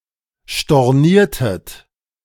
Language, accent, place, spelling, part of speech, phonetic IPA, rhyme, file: German, Germany, Berlin, storniertet, verb, [ʃtɔʁˈniːɐ̯tət], -iːɐ̯tət, De-storniertet.ogg
- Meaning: inflection of stornieren: 1. second-person plural preterite 2. second-person plural subjunctive II